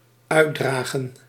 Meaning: to disseminate
- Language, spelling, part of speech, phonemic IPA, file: Dutch, uitdragen, verb, /ˈœy̯ˌdraːɣə(n)/, Nl-uitdragen.ogg